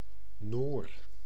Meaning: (noun) 1. a Norwegian, member or descendant of the (Germanic) people of Norway 2. something (originally or typically) Norwegian
- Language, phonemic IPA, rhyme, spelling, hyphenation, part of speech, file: Dutch, /noːr/, -oːr, Noor, Noor, noun / proper noun, Nl-Noor.ogg